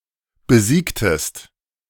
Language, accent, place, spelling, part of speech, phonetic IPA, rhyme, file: German, Germany, Berlin, besiegtest, verb, [bəˈziːktəst], -iːktəst, De-besiegtest.ogg
- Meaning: inflection of besiegen: 1. second-person singular preterite 2. second-person singular subjunctive II